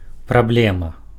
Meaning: problem
- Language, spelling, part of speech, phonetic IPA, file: Belarusian, праблема, noun, [praˈblʲema], Be-праблема.ogg